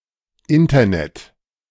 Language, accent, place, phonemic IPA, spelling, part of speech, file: German, Germany, Berlin, /ˈɪntɐnɛt/, Internet, noun, De-Internet.ogg
- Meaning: internet